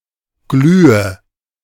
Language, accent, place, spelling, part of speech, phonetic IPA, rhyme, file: German, Germany, Berlin, glühe, verb, [ˈɡlyːə], -yːə, De-glühe.ogg
- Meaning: inflection of glühen: 1. first-person singular present 2. first/third-person singular subjunctive I 3. singular imperative